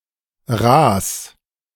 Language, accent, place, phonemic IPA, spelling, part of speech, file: German, Germany, Berlin, /ʁaːs/, raß, adjective, De-raß.ogg
- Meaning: sharp, strong (especially of food)